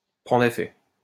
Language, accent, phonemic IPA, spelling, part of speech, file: French, France, /pʁɑ̃.dʁ‿e.fɛ/, prendre effet, verb, LL-Q150 (fra)-prendre effet.wav
- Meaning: to come into force, to come into effect, to take effect, to inure